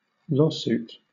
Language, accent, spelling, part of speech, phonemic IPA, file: English, Southern England, lawsuit, noun / verb, /ˈlɔːˌs(j)uːt/, LL-Q1860 (eng)-lawsuit.wav
- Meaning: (noun) In civil law, a case where two or more people disagree and one or more of the parties take the case to a court for resolution; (verb) To bring a lawsuit